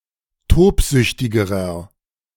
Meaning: inflection of tobsüchtig: 1. strong/mixed nominative masculine singular comparative degree 2. strong genitive/dative feminine singular comparative degree 3. strong genitive plural comparative degree
- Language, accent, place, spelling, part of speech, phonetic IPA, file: German, Germany, Berlin, tobsüchtigerer, adjective, [ˈtoːpˌzʏçtɪɡəʁɐ], De-tobsüchtigerer.ogg